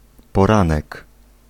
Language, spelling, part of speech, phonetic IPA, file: Polish, poranek, noun, [pɔˈrãnɛk], Pl-poranek.ogg